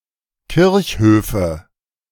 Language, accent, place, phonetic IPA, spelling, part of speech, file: German, Germany, Berlin, [ˈkɪʁçˌhøːfə], Kirchhöfe, noun, De-Kirchhöfe.ogg
- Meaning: nominative/accusative/genitive plural of Kirchhof